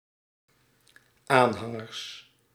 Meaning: plural of aanhanger
- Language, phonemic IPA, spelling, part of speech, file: Dutch, /ˈanhaŋərs/, aanhangers, noun, Nl-aanhangers.ogg